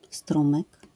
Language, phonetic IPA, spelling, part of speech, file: Polish, [ˈstrũmɨk], strumyk, noun, LL-Q809 (pol)-strumyk.wav